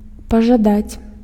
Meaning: to want
- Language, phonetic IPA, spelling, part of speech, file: Belarusian, [paʐaˈdat͡sʲ], пажадаць, verb, Be-пажадаць.ogg